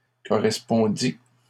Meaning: third-person singular imperfect subjunctive of correspondre
- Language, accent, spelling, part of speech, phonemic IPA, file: French, Canada, correspondît, verb, /kɔ.ʁɛs.pɔ̃.di/, LL-Q150 (fra)-correspondît.wav